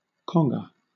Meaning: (noun) A tall, narrow, single-headed Cuban hand drum of African origin
- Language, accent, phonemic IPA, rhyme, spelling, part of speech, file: English, Southern England, /ˈkɒŋɡə/, -ɒŋɡə, conga, noun / verb, LL-Q1860 (eng)-conga.wav